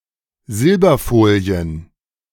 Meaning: plural of Silberfolie
- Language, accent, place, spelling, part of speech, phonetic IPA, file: German, Germany, Berlin, Silberfolien, noun, [ˈzɪlbɐˌfoːli̯ən], De-Silberfolien.ogg